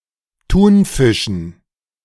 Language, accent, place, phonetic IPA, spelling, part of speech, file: German, Germany, Berlin, [ˈtuːnˌfɪʃn̩], Thunfischen, noun, De-Thunfischen.ogg
- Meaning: dative plural of Thunfisch